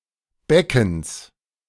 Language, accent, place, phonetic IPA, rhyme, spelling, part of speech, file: German, Germany, Berlin, [ˈbɛkn̩s], -ɛkn̩s, Beckens, noun, De-Beckens.ogg
- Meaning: genitive singular of Becken